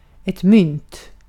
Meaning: a coin (piece of currency, usually metallic and in the shape of a disc)
- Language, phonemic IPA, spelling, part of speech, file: Swedish, /mʏnt/, mynt, noun, Sv-mynt.ogg